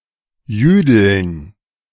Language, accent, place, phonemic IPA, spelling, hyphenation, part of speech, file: German, Germany, Berlin, /ˈjyːdl̩n/, jüdeln, jü‧deln, verb, De-jüdeln.ogg
- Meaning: to speak Yiddish